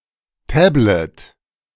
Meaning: tablet
- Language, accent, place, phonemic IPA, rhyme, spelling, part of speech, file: German, Germany, Berlin, /ˈtɛblət/, -ət, Tablet, noun, De-Tablet.ogg